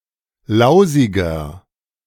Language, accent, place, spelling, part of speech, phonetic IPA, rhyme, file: German, Germany, Berlin, lausiger, adjective, [ˈlaʊ̯zɪɡɐ], -aʊ̯zɪɡɐ, De-lausiger.ogg
- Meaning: inflection of lausig: 1. strong/mixed nominative masculine singular 2. strong genitive/dative feminine singular 3. strong genitive plural